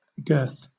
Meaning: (noun) 1. A band passed under the belly of an animal, which holds a saddle or a harness saddle in place 2. The part of an animal around which the girth fits
- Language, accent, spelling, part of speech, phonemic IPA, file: English, Southern England, girth, noun / verb, /ɡɜːθ/, LL-Q1860 (eng)-girth.wav